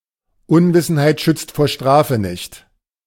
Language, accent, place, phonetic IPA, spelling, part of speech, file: German, Germany, Berlin, [ˈʊnvɪsn̩haɪ̯t ʃʏt͡st foːɐ̯ ˈʃtʁaːfə nɪçt], Unwissenheit schützt vor Strafe nicht, proverb, De-Unwissenheit schützt vor Strafe nicht.ogg
- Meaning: Ignorance of the law is not a valid excuse